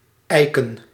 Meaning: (verb) 1. to gauge (weights or sizes to ensure they meet the standards) 2. to calibrate; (noun) plural of ijk
- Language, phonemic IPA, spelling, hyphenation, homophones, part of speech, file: Dutch, /ˈɛi̯.kə(n)/, ijken, ij‧ken, eiken, verb / noun, Nl-ijken.ogg